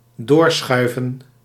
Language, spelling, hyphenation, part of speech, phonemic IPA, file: Dutch, doorschuiven, door‧schui‧ven, verb, /ˈdoːrˌsxœy̯və(n)/, Nl-doorschuiven.ogg
- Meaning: 1. to move, to pass 2. to delay, to postpone, to defer, to put off 3. to continue shoving